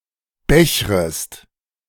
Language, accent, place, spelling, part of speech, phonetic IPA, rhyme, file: German, Germany, Berlin, bechrest, verb, [ˈbɛçʁəst], -ɛçʁəst, De-bechrest.ogg
- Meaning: second-person singular subjunctive I of bechern